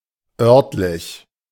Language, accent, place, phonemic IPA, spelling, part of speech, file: German, Germany, Berlin, /ˈœʁtlɪç/, örtlich, adjective, De-örtlich.ogg
- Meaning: local